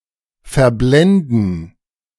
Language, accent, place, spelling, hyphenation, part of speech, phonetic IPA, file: German, Germany, Berlin, verblenden, ver‧blen‧den, verb, [fɛɐ̯ˈblɛndn̩], De-verblenden.ogg
- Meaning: to blind